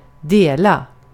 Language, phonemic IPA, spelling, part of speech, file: Swedish, /deːla/, dela, verb, Sv-dela.ogg
- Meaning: 1. to deal, share; divide something between recipients 2. to share; to have in common 3. to split; divide something in different parts